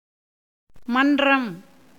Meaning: 1. association, club, forum 2. auditorium 3. court 4. meeting place under a tree 5. open place used for riding horses 6. plain, open space 7. Chidambaram 8. house 9. cowshed 10. truthfulness, honesty
- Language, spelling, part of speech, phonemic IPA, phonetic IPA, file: Tamil, மன்றம், noun, /mɐnrɐm/, [mɐndrɐm], Ta-மன்றம்.ogg